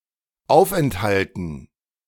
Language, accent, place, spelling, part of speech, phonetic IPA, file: German, Germany, Berlin, Aufenthalten, noun, [ˈaʊ̯fʔɛnthaltn̩], De-Aufenthalten.ogg
- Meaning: dative plural of Aufenthalt